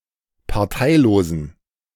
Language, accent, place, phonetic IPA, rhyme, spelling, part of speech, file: German, Germany, Berlin, [paʁˈtaɪ̯loːzn̩], -aɪ̯loːzn̩, parteilosen, adjective, De-parteilosen.ogg
- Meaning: inflection of parteilos: 1. strong genitive masculine/neuter singular 2. weak/mixed genitive/dative all-gender singular 3. strong/weak/mixed accusative masculine singular 4. strong dative plural